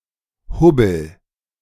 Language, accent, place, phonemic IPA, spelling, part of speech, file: German, Germany, Berlin, /ˈhʊbəl/, Hubbel, noun, De-Hubbel.ogg
- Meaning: 1. a bump on a surface 2. a speed bump